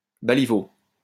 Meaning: staddle, sapling
- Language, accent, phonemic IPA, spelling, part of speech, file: French, France, /ba.li.vo/, baliveau, noun, LL-Q150 (fra)-baliveau.wav